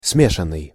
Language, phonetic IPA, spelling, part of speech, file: Russian, [ˈsmʲeʂən(ː)ɨj], смешанный, verb / adjective, Ru-смешанный.ogg
- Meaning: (verb) past perfective passive participle of смеша́ть (smešátʹ); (adjective) 1. mixed, hybrid 2. composite 3. miscellaneous